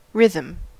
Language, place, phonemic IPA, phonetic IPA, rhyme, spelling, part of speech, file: English, California, /ˈɹɪð.əm/, [ˈɹɪð.m̩], -ɪðəm, rhythm, noun / verb, En-us-rhythm.ogg
- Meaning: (noun) 1. The variation of strong and weak elements (such as duration, accent) of sounds, notably in speech or music, over time; a beat or meter 2. A specifically defined pattern of such variation